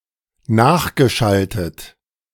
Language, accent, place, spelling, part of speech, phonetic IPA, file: German, Germany, Berlin, nachgeschaltet, verb, [ˈnaːxɡəˌʃaltət], De-nachgeschaltet.ogg
- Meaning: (verb) past participle of nachschalten; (adjective) downstream